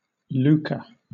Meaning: Money, riches, or wealth, especially when seen as having a corrupting effect or causing greed, or obtained in an underhanded manner
- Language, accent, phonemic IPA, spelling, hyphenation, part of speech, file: English, Southern England, /ˈluːkə/, lucre, lu‧cre, noun, LL-Q1860 (eng)-lucre.wav